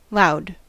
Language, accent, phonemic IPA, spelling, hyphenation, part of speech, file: English, US, /ˈlaʊ̯d/, loud, loud, adjective / noun / adverb, En-us-loud.ogg
- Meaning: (adjective) 1. Of great intensity 2. Noisy 3. Not subtle or reserved, brash 4. Having unpleasantly and tastelessly contrasting colours or patterns; gaudy